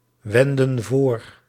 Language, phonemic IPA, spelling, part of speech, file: Dutch, /ˈwɛndə(n) ˈvor/, wenden voor, verb, Nl-wenden voor.ogg
- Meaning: inflection of voorwenden: 1. plural present indicative 2. plural present subjunctive